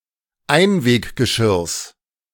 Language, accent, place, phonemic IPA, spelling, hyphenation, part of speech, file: German, Germany, Berlin, /ˈaɪ̯nveːkɡəˌʃɪʁs/, Einweggeschirrs, Ein‧weg‧ge‧schirrs, noun, De-Einweggeschirrs.ogg
- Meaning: genitive singular of Einweggeschirr